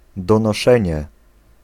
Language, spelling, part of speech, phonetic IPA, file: Polish, donoszenie, noun, [ˌdɔ̃nɔˈʃɛ̃ɲɛ], Pl-donoszenie.ogg